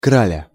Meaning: 1. female equivalent of краль (kralʹ): wealthy stately lady 2. queen 3. beauty, beautiful woman; someone's female lover/girlfriend 4. genitive/accusative singular of краль (kralʹ)
- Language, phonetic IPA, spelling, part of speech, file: Russian, [ˈkralʲə], краля, noun, Ru-краля.ogg